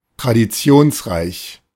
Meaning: rich in tradition
- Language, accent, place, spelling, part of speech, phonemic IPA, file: German, Germany, Berlin, traditionsreich, adjective, /tʁadiˈt͡si̯oːnsˌʁaɪ̯ç/, De-traditionsreich.ogg